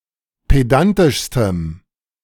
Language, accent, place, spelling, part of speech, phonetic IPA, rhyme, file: German, Germany, Berlin, pedantischstem, adjective, [ˌpeˈdantɪʃstəm], -antɪʃstəm, De-pedantischstem.ogg
- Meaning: strong dative masculine/neuter singular superlative degree of pedantisch